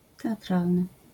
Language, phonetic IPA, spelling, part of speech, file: Polish, [ˌtɛaˈtralnɨ], teatralny, adjective, LL-Q809 (pol)-teatralny.wav